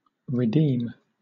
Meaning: 1. To recover ownership of something by buying it back 2. To liberate by payment of a ransom 3. To set free by force 4. To save, rescue 5. To clear, release from debt or blame
- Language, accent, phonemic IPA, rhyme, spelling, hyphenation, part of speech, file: English, Southern England, /ɹɪˈdiːm/, -iːm, redeem, re‧deem, verb, LL-Q1860 (eng)-redeem.wav